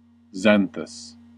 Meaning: 1. Yellow-brown; yolk-colored 2. Pertaining to people with yellowish, red, auburn, or brown hair
- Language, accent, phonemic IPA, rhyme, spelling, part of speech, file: English, US, /ˈzæn.θəs/, -ænθəs, xanthous, adjective, En-us-xanthous.ogg